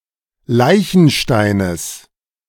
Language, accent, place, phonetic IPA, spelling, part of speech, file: German, Germany, Berlin, [ˈlaɪ̯çn̩ʃtaɪ̯nəs], Leichensteines, noun, De-Leichensteines.ogg
- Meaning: genitive of Leichenstein